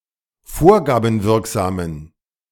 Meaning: inflection of vorgabenwirksam: 1. strong genitive masculine/neuter singular 2. weak/mixed genitive/dative all-gender singular 3. strong/weak/mixed accusative masculine singular 4. strong dative plural
- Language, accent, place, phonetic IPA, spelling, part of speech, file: German, Germany, Berlin, [ˈfoːɐ̯ɡaːbm̩ˌvɪʁkzaːmən], vorgabenwirksamen, adjective, De-vorgabenwirksamen.ogg